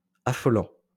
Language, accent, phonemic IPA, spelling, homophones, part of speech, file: French, France, /a.fɔ.lɑ̃/, affolant, affolants, verb / adjective, LL-Q150 (fra)-affolant.wav
- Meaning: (verb) present participle of affoler; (adjective) scary